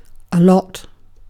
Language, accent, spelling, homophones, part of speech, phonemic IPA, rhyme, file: English, UK, a lot, allot, pronoun / adverb / adjective, /ə ˈlɒt/, -ɒt, En-uk-a lot.ogg
- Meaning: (pronoun) 1. A large amount 2. Many things, much; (adverb) 1. Very much; a great deal; to a large extent 2. Often; frequently; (adjective) 1. Difficult to handle emotionally 2. too much, busy